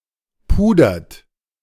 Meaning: inflection of pudern: 1. third-person singular present 2. second-person plural present 3. plural imperative
- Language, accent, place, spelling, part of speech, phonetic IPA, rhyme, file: German, Germany, Berlin, pudert, verb, [ˈpuːdɐt], -uːdɐt, De-pudert.ogg